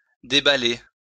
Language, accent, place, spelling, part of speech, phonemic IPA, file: French, France, Lyon, déballer, verb, /de.ba.le/, LL-Q150 (fra)-déballer.wav
- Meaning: to unpack, unwrap